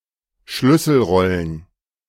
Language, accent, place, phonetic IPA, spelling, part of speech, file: German, Germany, Berlin, [ˈʃlʏsl̩ˌʁɔlən], Schlüsselrollen, noun, De-Schlüsselrollen.ogg
- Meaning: plural of Schlüsselrolle